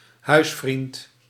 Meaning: a friend who regularly visits someone at home
- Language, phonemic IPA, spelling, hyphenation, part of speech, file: Dutch, /ˈɦœy̯s.frint/, huisvriend, huis‧vriend, noun, Nl-huisvriend.ogg